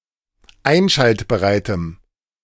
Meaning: strong dative masculine/neuter singular of einschaltbereit
- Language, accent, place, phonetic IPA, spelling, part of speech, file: German, Germany, Berlin, [ˈaɪ̯nʃaltbəʁaɪ̯təm], einschaltbereitem, adjective, De-einschaltbereitem.ogg